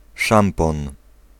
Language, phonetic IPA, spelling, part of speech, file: Polish, [ˈʃãmpɔ̃n], szampon, noun, Pl-szampon.ogg